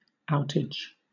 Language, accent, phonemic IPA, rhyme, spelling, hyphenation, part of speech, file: English, Southern England, /ˈaʊ.tɪd͡ʒ/, -aʊtɪdʒ, outage, out‧age, noun, LL-Q1860 (eng)-outage.wav
- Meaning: 1. A temporary suspension of operation, especially of electrical power supply 2. The amount of something lost in storage or transportation